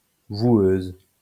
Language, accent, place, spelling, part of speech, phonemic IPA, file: French, France, Lyon, voueuse, noun, /vwøz/, LL-Q150 (fra)-voueuse.wav
- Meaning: female equivalent of voueur